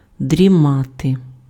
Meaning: to nap, to have a nap, to doze, to slumber, to drowse
- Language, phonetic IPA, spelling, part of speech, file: Ukrainian, [dʲrʲiˈmate], дрімати, verb, Uk-дрімати.ogg